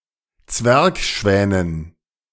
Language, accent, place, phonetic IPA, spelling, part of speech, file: German, Germany, Berlin, [ˈt͡svɛʁkˌʃvɛːnən], Zwergschwänen, noun, De-Zwergschwänen.ogg
- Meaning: dative plural of Zwergschwan